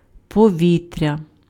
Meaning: air (gases making up the atmosphere of a planet)
- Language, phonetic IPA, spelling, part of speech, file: Ukrainian, [pɔˈʋʲitʲrʲɐ], повітря, noun, Uk-повітря.ogg